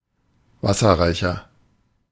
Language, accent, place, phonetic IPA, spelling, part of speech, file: German, Germany, Berlin, [ˈvasɐʁaɪ̯çɐ], wasserreicher, adjective, De-wasserreicher.ogg
- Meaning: 1. comparative degree of wasserreich 2. inflection of wasserreich: strong/mixed nominative masculine singular 3. inflection of wasserreich: strong genitive/dative feminine singular